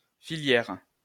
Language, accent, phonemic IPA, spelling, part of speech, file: French, France, /fi.ljɛʁ/, filière, noun, LL-Q150 (fra)-filière.wav
- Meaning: 1. industry 2. creance (in falconry) 3. die (in manufacturing) 4. spinneret (of a spider) 5. course of events 6. ring (of people, for example in drug dealing)